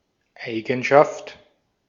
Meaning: feature, property, characteristic; quality
- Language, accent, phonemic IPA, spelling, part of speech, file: German, Austria, /ˈʔaɪ̯ɡn̩ʃaft/, Eigenschaft, noun, De-at-Eigenschaft.ogg